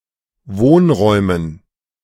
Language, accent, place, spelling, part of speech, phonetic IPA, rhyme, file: German, Germany, Berlin, Wohnräumen, noun, [ˈvoːnˌʁɔɪ̯mən], -oːnʁɔɪ̯mən, De-Wohnräumen.ogg
- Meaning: dative plural of Wohnraum